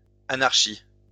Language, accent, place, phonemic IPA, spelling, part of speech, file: French, France, Lyon, /a.naʁ.ʃi/, anarchies, noun, LL-Q150 (fra)-anarchies.wav
- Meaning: plural of anarchie